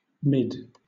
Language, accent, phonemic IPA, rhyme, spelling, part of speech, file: English, Southern England, /mɪd/, -ɪd, mid, adjective / noun / adverb / preposition, LL-Q1860 (eng)-mid.wav
- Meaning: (adjective) Occupying a middle position; middle